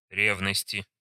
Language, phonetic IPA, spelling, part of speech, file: Russian, [ˈrʲevnəsʲtʲɪ], ревности, noun, Ru-ревности.ogg
- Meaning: inflection of ре́вность (révnostʹ): 1. genitive/dative/prepositional singular 2. nominative/accusative plural